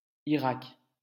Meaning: Iraq (a country in West Asia in the Middle East)
- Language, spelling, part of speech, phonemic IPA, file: French, Irak, proper noun, /i.ʁak/, LL-Q150 (fra)-Irak.wav